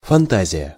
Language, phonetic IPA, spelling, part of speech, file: Russian, [fɐnˈtazʲɪjə], фантазия, noun, Ru-фантазия.ogg
- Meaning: fantasy (imagining)